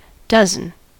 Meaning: A set of twelve
- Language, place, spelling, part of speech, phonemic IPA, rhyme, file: English, California, dozen, noun, /ˈdʌzən/, -ʌzən, En-us-dozen.ogg